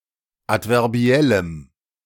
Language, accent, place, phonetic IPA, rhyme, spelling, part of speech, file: German, Germany, Berlin, [ˌatvɛʁˈbi̯ɛləm], -ɛləm, adverbiellem, adjective, De-adverbiellem.ogg
- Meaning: strong dative masculine/neuter singular of adverbiell